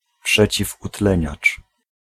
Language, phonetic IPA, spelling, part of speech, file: Polish, [ˌpʃɛt͡ɕivuˈtlɛ̃ɲat͡ʃ], przeciwutleniacz, noun, Pl-przeciwutleniacz.ogg